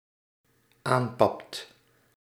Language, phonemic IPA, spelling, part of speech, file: Dutch, /ˈampɑpt/, aanpapt, verb, Nl-aanpapt.ogg
- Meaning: second/third-person singular dependent-clause present indicative of aanpappen